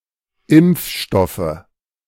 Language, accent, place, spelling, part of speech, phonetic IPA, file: German, Germany, Berlin, Impfstoffe, noun, [ˈɪmp͡fˌʃtɔfə], De-Impfstoffe.ogg
- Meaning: nominative/accusative/genitive plural of Impfstoff